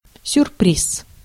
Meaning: surprise (something unexpected)
- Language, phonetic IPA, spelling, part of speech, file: Russian, [sʲʊrˈprʲis], сюрприз, noun, Ru-сюрприз.ogg